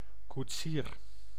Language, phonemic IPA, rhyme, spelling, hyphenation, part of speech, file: Dutch, /kutˈsiːr/, -iːr, koetsier, koet‧sier, noun, Nl-koetsier.ogg
- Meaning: coach driver, coacher (someone who drives a coach)